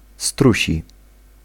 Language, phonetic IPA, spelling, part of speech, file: Polish, [ˈstruɕi], strusi, adjective / noun, Pl-strusi.ogg